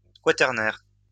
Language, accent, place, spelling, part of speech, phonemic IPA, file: French, France, Lyon, quaternaire, adjective, /k(w)a.tɛʁ.nɛʁ/, LL-Q150 (fra)-quaternaire.wav
- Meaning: quaternary